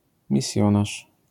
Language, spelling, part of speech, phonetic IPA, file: Polish, misjonarz, noun, [mʲiˈsʲjɔ̃naʃ], LL-Q809 (pol)-misjonarz.wav